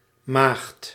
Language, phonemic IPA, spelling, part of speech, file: Dutch, /maxt/, Maagd, proper noun / noun, Nl-Maagd.ogg
- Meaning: Virgo